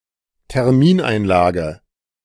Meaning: time deposit
- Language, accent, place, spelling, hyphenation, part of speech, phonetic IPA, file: German, Germany, Berlin, Termineinlage, Ter‧min‧ein‧la‧ge, noun, [tɛʁˈmiːnaɪ̯nlaːɡə], De-Termineinlage.ogg